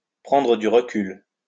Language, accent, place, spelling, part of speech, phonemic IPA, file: French, France, Lyon, prendre du recul, verb, /pʁɑ̃.dʁə dy ʁ(ə).kyl/, LL-Q150 (fra)-prendre du recul.wav
- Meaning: to take a step back, to step back and get some perspective